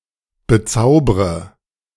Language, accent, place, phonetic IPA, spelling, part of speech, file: German, Germany, Berlin, [bəˈt͡saʊ̯bʁə], bezaubre, verb, De-bezaubre.ogg
- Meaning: inflection of bezaubern: 1. first-person singular present 2. first/third-person singular subjunctive I 3. singular imperative